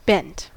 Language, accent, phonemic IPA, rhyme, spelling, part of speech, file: English, US, /bɛnt/, -ɛnt, bent, verb / adjective / noun, En-us-bent.ogg
- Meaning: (verb) simple past and past participle of bend; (adjective) 1. Folded or dented out of its usual shape 2. Corrupt, dishonest 3. Homosexual 4. Determined or insistent; inclined, set